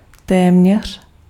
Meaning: almost, nearly
- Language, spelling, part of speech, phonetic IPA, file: Czech, téměř, adverb, [ˈtɛːmɲɛr̝̊], Cs-téměř.ogg